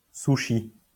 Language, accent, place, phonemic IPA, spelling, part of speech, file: French, France, Lyon, /su.ʃi/, sushi, noun, LL-Q150 (fra)-sushi.wav
- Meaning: sushi